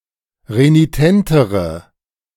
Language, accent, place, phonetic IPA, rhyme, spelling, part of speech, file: German, Germany, Berlin, [ʁeniˈtɛntəʁə], -ɛntəʁə, renitentere, adjective, De-renitentere.ogg
- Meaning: inflection of renitent: 1. strong/mixed nominative/accusative feminine singular comparative degree 2. strong nominative/accusative plural comparative degree